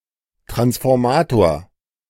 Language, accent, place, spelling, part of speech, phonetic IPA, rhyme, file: German, Germany, Berlin, Transformator, noun, [tʁansfɔʁˈmaːtoːɐ̯], -aːtoːɐ̯, De-Transformator.ogg
- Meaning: transformer (electrical device)